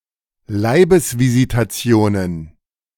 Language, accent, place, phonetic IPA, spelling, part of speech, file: German, Germany, Berlin, [ˈlaɪ̯bəsvizitaˌt͡si̯oːnən], Leibesvisitationen, noun, De-Leibesvisitationen.ogg
- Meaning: plural of Leibesvisitation